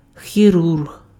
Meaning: surgeon
- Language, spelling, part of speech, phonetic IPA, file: Ukrainian, хірург, noun, [xʲiˈrurɦ], Uk-хірург.ogg